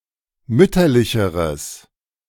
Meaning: strong/mixed nominative/accusative neuter singular comparative degree of mütterlich
- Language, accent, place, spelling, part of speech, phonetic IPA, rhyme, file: German, Germany, Berlin, mütterlicheres, adjective, [ˈmʏtɐlɪçəʁəs], -ʏtɐlɪçəʁəs, De-mütterlicheres.ogg